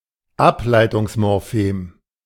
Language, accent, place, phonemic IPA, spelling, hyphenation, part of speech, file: German, Germany, Berlin, /ˈaplaɪ̯tʊŋsmɔʁˌfeːm/, Ableitungsmorphem, Ab‧lei‧tungs‧mor‧phem, noun, De-Ableitungsmorphem.ogg
- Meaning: derivational morpheme